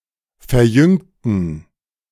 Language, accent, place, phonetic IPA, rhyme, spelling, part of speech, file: German, Germany, Berlin, [fɛɐ̯ˈjʏŋtn̩], -ʏŋtn̩, verjüngten, adjective / verb, De-verjüngten.ogg
- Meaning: inflection of verjüngen: 1. first/third-person plural preterite 2. first/third-person plural subjunctive II